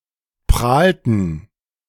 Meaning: inflection of prahlen: 1. first/third-person plural preterite 2. first/third-person plural subjunctive II
- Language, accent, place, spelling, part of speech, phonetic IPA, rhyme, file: German, Germany, Berlin, prahlten, verb, [ˈpʁaːltn̩], -aːltn̩, De-prahlten.ogg